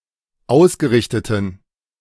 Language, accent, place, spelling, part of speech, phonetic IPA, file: German, Germany, Berlin, ausgerichteten, adjective, [ˈaʊ̯sɡəˌʁɪçtətn̩], De-ausgerichteten.ogg
- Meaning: inflection of ausgerichtet: 1. strong genitive masculine/neuter singular 2. weak/mixed genitive/dative all-gender singular 3. strong/weak/mixed accusative masculine singular 4. strong dative plural